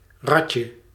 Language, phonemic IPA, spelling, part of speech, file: Dutch, /ˈrɑtjə/, ratje, noun, Nl-ratje.ogg
- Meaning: diminutive of rat